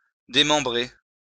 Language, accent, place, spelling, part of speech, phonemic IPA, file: French, France, Lyon, démembrer, verb, /de.mɑ̃.bʁe/, LL-Q150 (fra)-démembrer.wav
- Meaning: 1. to dismember 2. to diminish; to make smaller